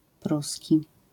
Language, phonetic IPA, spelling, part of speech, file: Polish, [ˈprusʲci], pruski, adjective / noun, LL-Q809 (pol)-pruski.wav